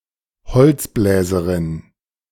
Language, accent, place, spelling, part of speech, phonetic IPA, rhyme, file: German, Germany, Berlin, beziffer, verb, [bəˈt͡sɪfɐ], -ɪfɐ, De-beziffer.ogg
- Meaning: inflection of beziffern: 1. first-person singular present 2. singular imperative